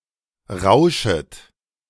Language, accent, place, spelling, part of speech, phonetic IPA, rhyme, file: German, Germany, Berlin, rauschet, verb, [ˈʁaʊ̯ʃət], -aʊ̯ʃət, De-rauschet.ogg
- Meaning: second-person plural subjunctive I of rauschen